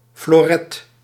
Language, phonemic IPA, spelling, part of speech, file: Dutch, /floˈrɛt/, floret, noun, Nl-floret.ogg
- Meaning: foil